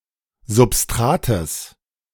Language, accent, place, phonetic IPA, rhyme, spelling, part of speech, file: German, Germany, Berlin, [zʊpˈstʁaːtəs], -aːtəs, Substrates, noun, De-Substrates.ogg
- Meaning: genitive singular of Substrat